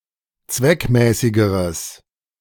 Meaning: strong/mixed nominative/accusative neuter singular comparative degree of zweckmäßig
- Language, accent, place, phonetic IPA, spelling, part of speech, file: German, Germany, Berlin, [ˈt͡svɛkˌmɛːsɪɡəʁəs], zweckmäßigeres, adjective, De-zweckmäßigeres.ogg